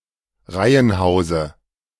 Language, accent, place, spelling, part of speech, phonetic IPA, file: German, Germany, Berlin, Reihenhause, noun, [ˈʁaɪ̯ənˌhaʊ̯zə], De-Reihenhause.ogg
- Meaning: dative of Reihenhaus